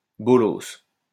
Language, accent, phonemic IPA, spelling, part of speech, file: French, France, /bɔ.lɔs/, bolos, noun, LL-Q150 (fra)-bolos.wav
- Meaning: 1. black market customer; customer to a drug dealer 2. a person that can be scammed or ripped off 3. a lame person, a fool